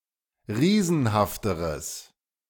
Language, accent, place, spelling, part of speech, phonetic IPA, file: German, Germany, Berlin, riesenhafteres, adjective, [ˈʁiːzn̩haftəʁəs], De-riesenhafteres.ogg
- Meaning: strong/mixed nominative/accusative neuter singular comparative degree of riesenhaft